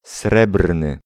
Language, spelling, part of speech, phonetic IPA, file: Polish, srebrny, adjective, [ˈsrɛbrnɨ], Pl-srebrny.ogg